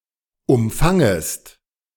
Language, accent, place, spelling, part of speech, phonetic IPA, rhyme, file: German, Germany, Berlin, umfangest, verb, [ʊmˈfaŋəst], -aŋəst, De-umfangest.ogg
- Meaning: second-person singular subjunctive I of umfangen